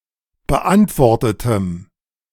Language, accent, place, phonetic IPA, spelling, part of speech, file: German, Germany, Berlin, [bəˈʔantvɔʁtətəm], beantwortetem, adjective, De-beantwortetem.ogg
- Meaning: strong dative masculine/neuter singular of beantwortet